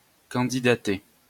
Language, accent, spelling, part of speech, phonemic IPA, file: French, France, candidater, verb, /kɑ̃.di.da.te/, LL-Q150 (fra)-candidater.wav
- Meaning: to put oneself forward as a candidate, to stand as a candidate, to apply